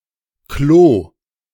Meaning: toilet, loo (UK)
- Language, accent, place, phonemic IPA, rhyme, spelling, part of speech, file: German, Germany, Berlin, /kloː/, -oː, Klo, noun, De-Klo.ogg